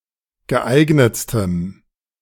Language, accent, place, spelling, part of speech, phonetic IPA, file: German, Germany, Berlin, geeignetstem, adjective, [ɡəˈʔaɪ̯ɡnət͡stəm], De-geeignetstem.ogg
- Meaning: strong dative masculine/neuter singular superlative degree of geeignet